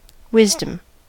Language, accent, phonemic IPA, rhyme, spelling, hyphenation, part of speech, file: English, US, /ˈwɪzdəm/, -ɪzdəm, wisdom, wis‧dom, noun, En-us-wisdom.ogg
- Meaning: 1. An element of personal character that enables one to distinguish the wise from the unwise 2. A piece of wise advice 3. The discretionary use of knowledge for the greatest good